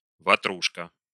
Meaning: 1. vatrushka (a sort of small, round cottage cheese-filled pastry) 2. a round, inflatable snow saucer
- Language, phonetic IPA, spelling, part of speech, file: Russian, [vɐˈtruʂkə], ватрушка, noun, Ru-ватрушка.ogg